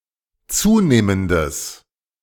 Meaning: strong/mixed nominative/accusative neuter singular of zunehmend
- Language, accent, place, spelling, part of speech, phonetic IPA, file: German, Germany, Berlin, zunehmendes, adjective, [ˈt͡suːneːməndəs], De-zunehmendes.ogg